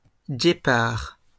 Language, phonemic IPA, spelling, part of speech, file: French, /ɡe.paʁ/, guépards, noun, LL-Q150 (fra)-guépards.wav
- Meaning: plural of guépard